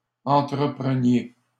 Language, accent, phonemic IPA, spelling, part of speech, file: French, Canada, /ɑ̃.tʁə.pʁə.nje/, entrepreniez, verb, LL-Q150 (fra)-entrepreniez.wav
- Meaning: inflection of entreprendre: 1. second-person plural imperfect indicative 2. second-person plural present subjunctive